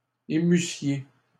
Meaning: second-person plural imperfect subjunctive of émouvoir
- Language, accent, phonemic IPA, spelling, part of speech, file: French, Canada, /e.my.sje/, émussiez, verb, LL-Q150 (fra)-émussiez.wav